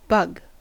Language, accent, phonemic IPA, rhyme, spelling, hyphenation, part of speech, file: English, US, /bʌɡ/, -ʌɡ, bug, bug, noun / verb, En-us-bug.ogg
- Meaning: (noun) 1. An insect of the order Hemiptera (the “true bugs”) 2. Any motile small terrestrial invertebrate, especially one that is seen as a pest 3. Any minibeast